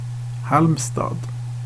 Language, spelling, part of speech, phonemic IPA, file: Swedish, Halmstad, proper noun, /ˈhâlmsta(d)/, Sv-Halmstad.ogg
- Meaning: Halmstad, a town in Halland, in southwestern Sweden